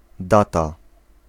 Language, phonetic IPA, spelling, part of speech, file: Polish, [ˈdata], data, noun, Pl-data.ogg